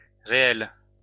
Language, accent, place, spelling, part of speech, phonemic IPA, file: French, France, Lyon, réelles, adjective, /ʁe.ɛl/, LL-Q150 (fra)-réelles.wav
- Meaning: feminine plural of réel